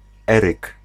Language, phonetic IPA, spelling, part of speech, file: Polish, [ˈɛrɨk], Eryk, proper noun / noun, Pl-Eryk.ogg